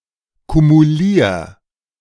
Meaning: 1. singular imperative of kumulieren 2. first-person singular present of kumulieren
- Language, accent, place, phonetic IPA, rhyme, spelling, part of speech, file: German, Germany, Berlin, [kumuˈliːɐ̯], -iːɐ̯, kumulier, verb, De-kumulier.ogg